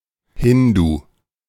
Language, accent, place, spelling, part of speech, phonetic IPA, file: German, Germany, Berlin, Hindu, noun, [ˈhɪndu], De-Hindu.ogg
- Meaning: 1. Hindu (male or unspecified) 2. Hindu (female)